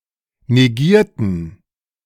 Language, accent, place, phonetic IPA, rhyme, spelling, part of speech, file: German, Germany, Berlin, [neˈɡiːɐ̯tn̩], -iːɐ̯tn̩, negierten, adjective / verb, De-negierten.ogg
- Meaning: inflection of negieren: 1. first/third-person plural preterite 2. first/third-person plural subjunctive II